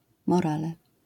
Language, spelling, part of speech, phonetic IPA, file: Polish, morale, noun, [mɔˈralɛ], LL-Q809 (pol)-morale.wav